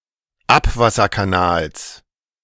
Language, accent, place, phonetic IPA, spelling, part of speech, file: German, Germany, Berlin, [ˈapvasɐkaˌnaːls], Abwasserkanals, noun, De-Abwasserkanals.ogg
- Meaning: genitive of Abwasserkanal